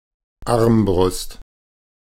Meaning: crossbow, arbalest
- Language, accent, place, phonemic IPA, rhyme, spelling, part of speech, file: German, Germany, Berlin, /ˈarmbrʊst/, -ʊst, Armbrust, noun, De-Armbrust.ogg